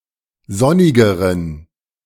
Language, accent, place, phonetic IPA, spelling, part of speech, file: German, Germany, Berlin, [ˈzɔnɪɡəʁən], sonnigeren, adjective, De-sonnigeren.ogg
- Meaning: inflection of sonnig: 1. strong genitive masculine/neuter singular comparative degree 2. weak/mixed genitive/dative all-gender singular comparative degree